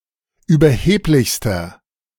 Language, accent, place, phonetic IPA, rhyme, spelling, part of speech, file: German, Germany, Berlin, [yːbɐˈheːplɪçstɐ], -eːplɪçstɐ, überheblichster, adjective, De-überheblichster.ogg
- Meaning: inflection of überheblich: 1. strong/mixed nominative masculine singular superlative degree 2. strong genitive/dative feminine singular superlative degree 3. strong genitive plural superlative degree